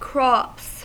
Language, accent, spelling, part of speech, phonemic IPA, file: English, US, crops, noun / verb, /kɹɑps/, En-us-crops.ogg
- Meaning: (noun) plural of crop; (verb) third-person singular simple present indicative of crop